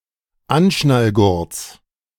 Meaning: genitive singular of Anschnallgurt
- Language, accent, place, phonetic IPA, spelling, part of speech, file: German, Germany, Berlin, [ˈanʃnalˌɡʊʁt͡s], Anschnallgurts, noun, De-Anschnallgurts.ogg